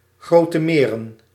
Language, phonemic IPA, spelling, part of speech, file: Dutch, /ˈɣrotə ˈmerə(n)/, Grote Meren, proper noun, Nl-Grote Meren.ogg
- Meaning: Great Lakes